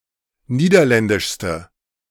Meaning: inflection of niederländisch: 1. strong/mixed nominative/accusative feminine singular superlative degree 2. strong nominative/accusative plural superlative degree
- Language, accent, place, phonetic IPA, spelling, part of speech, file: German, Germany, Berlin, [ˈniːdɐˌlɛndɪʃstə], niederländischste, adjective, De-niederländischste.ogg